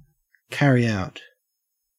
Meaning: 1. To hold while moving it out 2. To fulfill 3. To execute or perform; to put into operation; to do
- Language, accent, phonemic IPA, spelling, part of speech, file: English, Australia, /ˈkæ.ɹi aʊt/, carry out, verb, En-au-carry out.ogg